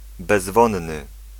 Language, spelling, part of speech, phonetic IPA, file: Polish, bezwonny, adjective, [bɛzˈvɔ̃nːɨ], Pl-bezwonny.ogg